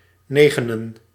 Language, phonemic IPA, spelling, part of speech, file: Dutch, /ˈnɛɣənə(n)/, negenen, noun, Nl-negenen.ogg
- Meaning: dative singular of negen